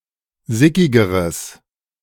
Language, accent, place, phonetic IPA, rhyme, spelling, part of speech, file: German, Germany, Berlin, [ˈzɪkɪɡəʁəs], -ɪkɪɡəʁəs, sickigeres, adjective, De-sickigeres.ogg
- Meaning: strong/mixed nominative/accusative neuter singular comparative degree of sickig